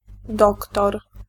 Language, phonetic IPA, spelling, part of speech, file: Polish, [ˈdɔktɔr], doktor, noun, Pl-doktor.ogg